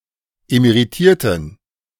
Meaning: inflection of emeritiert: 1. strong genitive masculine/neuter singular 2. weak/mixed genitive/dative all-gender singular 3. strong/weak/mixed accusative masculine singular 4. strong dative plural
- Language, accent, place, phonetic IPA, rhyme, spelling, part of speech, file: German, Germany, Berlin, [emeʁiˈtiːɐ̯tn̩], -iːɐ̯tn̩, emeritierten, adjective / verb, De-emeritierten.ogg